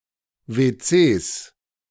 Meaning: 1. genitive singular of WC 2. plural of WC
- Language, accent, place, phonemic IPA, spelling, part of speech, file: German, Germany, Berlin, /ve(ː)ˈtseːs/, WCs, noun, De-WCs.ogg